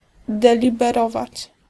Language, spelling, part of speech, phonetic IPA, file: Polish, deliberować, verb, [ˌdɛlʲibɛˈrɔvat͡ɕ], Pl-deliberować.ogg